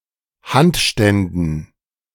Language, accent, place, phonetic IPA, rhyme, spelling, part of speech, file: German, Germany, Berlin, [ˈhantˌʃtɛndn̩], -antʃtɛndn̩, Handständen, noun, De-Handständen.ogg
- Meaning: dative plural of Handstand